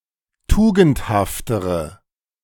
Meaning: inflection of tugendhaft: 1. strong/mixed nominative/accusative feminine singular comparative degree 2. strong nominative/accusative plural comparative degree
- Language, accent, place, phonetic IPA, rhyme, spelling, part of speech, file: German, Germany, Berlin, [ˈtuːɡn̩thaftəʁə], -uːɡn̩thaftəʁə, tugendhaftere, adjective, De-tugendhaftere.ogg